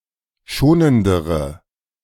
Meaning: inflection of schonend: 1. strong/mixed nominative/accusative feminine singular comparative degree 2. strong nominative/accusative plural comparative degree
- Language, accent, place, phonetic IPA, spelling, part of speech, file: German, Germany, Berlin, [ˈʃoːnəndəʁə], schonendere, adjective, De-schonendere.ogg